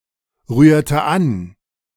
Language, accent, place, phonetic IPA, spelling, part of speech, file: German, Germany, Berlin, [ˌʁyːɐ̯tə ˈan], rührte an, verb, De-rührte an.ogg
- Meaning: inflection of anrühren: 1. first/third-person singular preterite 2. first/third-person singular subjunctive II